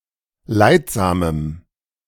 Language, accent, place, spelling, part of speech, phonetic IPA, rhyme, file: German, Germany, Berlin, leidsamem, adjective, [ˈlaɪ̯tˌzaːməm], -aɪ̯tzaːməm, De-leidsamem.ogg
- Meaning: strong dative masculine/neuter singular of leidsam